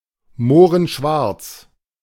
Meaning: black as a Moor
- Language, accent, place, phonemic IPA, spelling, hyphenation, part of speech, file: German, Germany, Berlin, /ˈmoːʁənˌʃvaʁt͡s/, mohrenschwarz, moh‧ren‧schwarz, adjective, De-mohrenschwarz.ogg